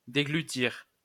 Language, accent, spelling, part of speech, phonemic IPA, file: French, France, déglutir, verb, /de.ɡly.tiʁ/, LL-Q150 (fra)-déglutir.wav
- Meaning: to swallow; swallow down (food)